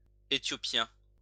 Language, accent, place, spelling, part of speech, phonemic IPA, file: French, France, Lyon, Æthiopien, noun, /e.tjɔ.pjɛ̃/, LL-Q150 (fra)-Æthiopien.wav
- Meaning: archaic form of Éthiopien